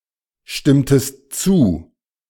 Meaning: inflection of zustimmen: 1. second-person singular preterite 2. second-person singular subjunctive II
- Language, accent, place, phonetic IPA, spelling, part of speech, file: German, Germany, Berlin, [ˌʃtɪmtəst ˈt͡suː], stimmtest zu, verb, De-stimmtest zu.ogg